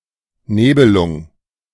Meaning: November (eleventh month of the Gregorian calendar)
- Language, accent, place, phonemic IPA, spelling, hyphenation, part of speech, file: German, Germany, Berlin, /ˈneːbəlʊŋ/, Nebelung, Ne‧be‧lung, proper noun, De-Nebelung.ogg